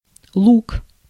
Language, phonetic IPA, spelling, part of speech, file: Russian, [ɫuk], лук, noun, Ru-лук.ogg
- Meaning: 1. onion, onions 2. bow (weapon used for shooting arrows) 3. appearance, clothing style, look 4. genitive plural of лука́ (luká)